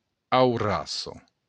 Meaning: hurricane
- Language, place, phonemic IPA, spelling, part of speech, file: Occitan, Béarn, /awˈras.sa/, aurassa, noun, LL-Q14185 (oci)-aurassa.wav